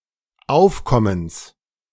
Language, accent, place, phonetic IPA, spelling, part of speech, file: German, Germany, Berlin, [ˈaʊ̯fˌkɔməns], Aufkommens, noun, De-Aufkommens.ogg
- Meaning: genitive singular of Aufkommen